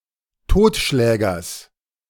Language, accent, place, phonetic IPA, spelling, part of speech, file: German, Germany, Berlin, [ˈtoːtˌʃlɛːɡɐs], Totschlägers, noun, De-Totschlägers.ogg
- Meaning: genitive singular of Totschläger